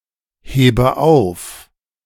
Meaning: inflection of aufheben: 1. first-person singular present 2. first/third-person singular subjunctive I 3. singular imperative
- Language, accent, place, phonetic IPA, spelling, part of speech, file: German, Germany, Berlin, [ˌheːbə ˈaʊ̯f], hebe auf, verb, De-hebe auf.ogg